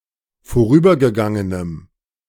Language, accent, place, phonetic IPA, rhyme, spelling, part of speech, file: German, Germany, Berlin, [foˈʁyːbɐɡəˌɡaŋənəm], -yːbɐɡəɡaŋənəm, vorübergegangenem, adjective, De-vorübergegangenem.ogg
- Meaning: strong dative masculine/neuter singular of vorübergegangen